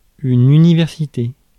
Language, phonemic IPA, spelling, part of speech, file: French, /y.ni.vɛʁ.si.te/, université, noun, Fr-université.ogg
- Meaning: university (institution of higher education)